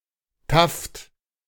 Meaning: taffeta
- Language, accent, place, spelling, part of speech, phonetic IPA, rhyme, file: German, Germany, Berlin, Taft, noun, [taft], -aft, De-Taft.ogg